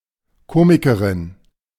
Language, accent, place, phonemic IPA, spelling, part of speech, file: German, Germany, Berlin, /ˈkoːmɪkəʁɪn/, Komikerin, noun, De-Komikerin.ogg
- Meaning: female equivalent of Komiker (“comedian”)